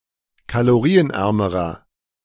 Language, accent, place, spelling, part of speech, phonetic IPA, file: German, Germany, Berlin, kalorienärmerer, adjective, [kaloˈʁiːənˌʔɛʁməʁɐ], De-kalorienärmerer.ogg
- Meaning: inflection of kalorienarm: 1. strong/mixed nominative masculine singular comparative degree 2. strong genitive/dative feminine singular comparative degree 3. strong genitive plural comparative degree